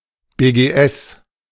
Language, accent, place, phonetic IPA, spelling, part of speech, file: German, Germany, Berlin, [beːɡeːˈʔɛs], BGS, noun, De-BGS.ogg
- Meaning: initialism of Bundesgrenzschutz